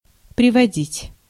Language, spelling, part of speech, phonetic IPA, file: Russian, приводить, verb, [prʲɪvɐˈdʲitʲ], Ru-приводить.ogg
- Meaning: 1. to bring (someone with) 2. to lead (of a road) 3. to result, to lead, to bring 4. to reduce 5. to quote, to cite, to adduce, to list 6. to bring, to put, to set (into condition)